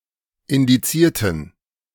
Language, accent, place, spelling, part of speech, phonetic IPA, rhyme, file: German, Germany, Berlin, indizierten, adjective / verb, [ɪndiˈt͡siːɐ̯tn̩], -iːɐ̯tn̩, De-indizierten.ogg
- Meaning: inflection of indizieren: 1. first/third-person plural preterite 2. first/third-person plural subjunctive II